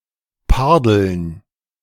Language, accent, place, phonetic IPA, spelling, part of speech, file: German, Germany, Berlin, [ˈpaʁdl̩n], Pardeln, noun, De-Pardeln.ogg
- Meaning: dative plural of Pardel